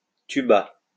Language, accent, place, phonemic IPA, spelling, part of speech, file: French, France, Lyon, /ty.ba/, tuba, noun, LL-Q150 (fra)-tuba.wav
- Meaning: 1. tuba 2. snorkel 3. funnel cloud (or tub; see cumulonimbus tuba)